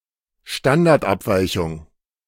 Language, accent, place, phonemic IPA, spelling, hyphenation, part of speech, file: German, Germany, Berlin, /ˈʃtandaʁtˌʔapvaɪ̯çʊŋ/, Standardabweichung, Stan‧dard‧ab‧wei‧chung, noun, De-Standardabweichung.ogg
- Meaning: standard deviation (statistical measure)